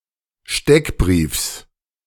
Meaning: genitive singular of Steckbrief
- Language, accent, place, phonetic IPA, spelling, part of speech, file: German, Germany, Berlin, [ˈʃtɛkˌbʁiːfs], Steckbriefs, noun, De-Steckbriefs.ogg